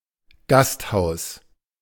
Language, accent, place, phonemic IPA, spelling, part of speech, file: German, Germany, Berlin, /ˈɡasthaʊ̯s/, Gasthaus, noun, De-Gasthaus.ogg
- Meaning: restaurant, inn, guesthouse